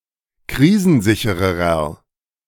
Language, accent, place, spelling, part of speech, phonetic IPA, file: German, Germany, Berlin, krisensichererer, adjective, [ˈkʁiːzn̩ˌzɪçəʁəʁɐ], De-krisensichererer.ogg
- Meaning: inflection of krisensicher: 1. strong/mixed nominative masculine singular comparative degree 2. strong genitive/dative feminine singular comparative degree 3. strong genitive plural comparative degree